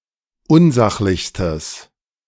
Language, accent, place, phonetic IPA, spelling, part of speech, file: German, Germany, Berlin, [ˈʊnˌzaxlɪçstəs], unsachlichstes, adjective, De-unsachlichstes.ogg
- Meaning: strong/mixed nominative/accusative neuter singular superlative degree of unsachlich